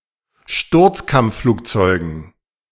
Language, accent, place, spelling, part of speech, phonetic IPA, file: German, Germany, Berlin, Sturzkampfflugzeugen, noun, [ˈʃtʊʁt͡skamp͡fˌfluːkt͡sɔɪ̯ɡn̩], De-Sturzkampfflugzeugen.ogg
- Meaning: dative plural of Sturzkampfflugzeug